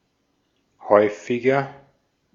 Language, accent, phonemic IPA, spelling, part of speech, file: German, Austria, /ˈhɔɪ̯fɪɡɐ/, häufiger, adjective, De-at-häufiger.ogg
- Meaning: 1. comparative degree of häufig 2. inflection of häufig: strong/mixed nominative masculine singular 3. inflection of häufig: strong genitive/dative feminine singular